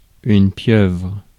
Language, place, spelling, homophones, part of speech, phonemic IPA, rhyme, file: French, Paris, pieuvre, pieuvres, noun, /pjœvʁ/, -œvʁ, Fr-pieuvre.ogg
- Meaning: octopus